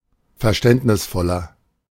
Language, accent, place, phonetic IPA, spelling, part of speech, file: German, Germany, Berlin, [fɛɐ̯ˈʃtɛntnɪsˌfɔlɐ], verständnisvoller, adjective, De-verständnisvoller.ogg
- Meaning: 1. comparative degree of verständnisvoll 2. inflection of verständnisvoll: strong/mixed nominative masculine singular 3. inflection of verständnisvoll: strong genitive/dative feminine singular